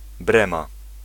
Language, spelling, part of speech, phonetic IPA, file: Polish, Brema, proper noun, [ˈbrɛ̃ma], Pl-Brema.ogg